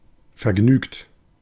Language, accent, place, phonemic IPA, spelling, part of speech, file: German, Germany, Berlin, /fɛɐ̯ˈɡnyːkt/, vergnügt, verb / adjective, De-vergnügt.ogg
- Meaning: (verb) past participle of vergnügen; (adjective) cheerful, delighted